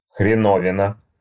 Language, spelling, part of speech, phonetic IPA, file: Russian, хреновина, noun, [xrʲɪˈnovʲɪnə], Ru-хреновина.ogg
- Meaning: 1. augmentative of хрен (xren); a big horseradish root 2. khrenovina (a condiment made from shredded tomatoes, horseradish, garlic and salt) 3. thing, object, thingamajig 4. wass, rubbish, nonsense